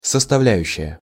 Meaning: component, constituent
- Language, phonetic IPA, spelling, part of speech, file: Russian, [səstɐˈvlʲæjʉɕːɪjə], составляющая, noun, Ru-составляющая.ogg